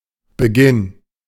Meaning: start, beginning
- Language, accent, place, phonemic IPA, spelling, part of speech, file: German, Germany, Berlin, /bəˈɡɪn/, Beginn, noun, De-Beginn.ogg